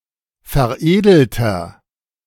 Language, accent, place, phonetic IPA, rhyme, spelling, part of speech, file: German, Germany, Berlin, [fɛɐ̯ˈʔeːdl̩tɐ], -eːdl̩tɐ, veredelter, adjective, De-veredelter.ogg
- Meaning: inflection of veredelt: 1. strong/mixed nominative masculine singular 2. strong genitive/dative feminine singular 3. strong genitive plural